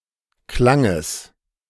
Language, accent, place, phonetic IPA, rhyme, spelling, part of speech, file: German, Germany, Berlin, [ˈklaŋəs], -aŋəs, Klanges, noun, De-Klanges.ogg
- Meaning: genitive singular of Klang